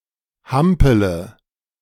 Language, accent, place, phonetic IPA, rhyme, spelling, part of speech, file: German, Germany, Berlin, [ˈhampələ], -ampələ, hampele, verb, De-hampele.ogg
- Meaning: inflection of hampeln: 1. first-person singular present 2. first-person plural subjunctive I 3. third-person singular subjunctive I 4. singular imperative